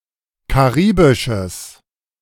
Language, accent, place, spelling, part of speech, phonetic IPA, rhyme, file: German, Germany, Berlin, karibisches, adjective, [kaˈʁiːbɪʃəs], -iːbɪʃəs, De-karibisches.ogg
- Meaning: strong/mixed nominative/accusative neuter singular of karibisch